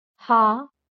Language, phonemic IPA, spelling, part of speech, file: Marathi, /ɦa/, हा, pronoun, LL-Q1571 (mar)-हा.wav
- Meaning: 1. he (proximal) 2. this